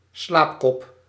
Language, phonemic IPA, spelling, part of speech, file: Dutch, /ˈslaːp.kɔp/, slaapkop, noun, Nl-slaapkop.ogg
- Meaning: 1. a sleepy or lazy person, a sleepyhead 2. unclear head (as when just woken up)